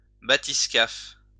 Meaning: bathyscaphe
- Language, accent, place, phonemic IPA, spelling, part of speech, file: French, France, Lyon, /ba.tis.kaf/, bathyscaphe, noun, LL-Q150 (fra)-bathyscaphe.wav